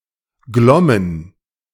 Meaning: first/third-person plural preterite of glimmen
- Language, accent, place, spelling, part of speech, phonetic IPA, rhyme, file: German, Germany, Berlin, glommen, verb, [ˈɡlɔmən], -ɔmən, De-glommen.ogg